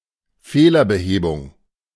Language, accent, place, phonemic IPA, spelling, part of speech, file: German, Germany, Berlin, /ˈfeːlɐbəˌheːbʊŋ/, Fehlerbehebung, noun, De-Fehlerbehebung.ogg
- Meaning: bugfix, troubleshooting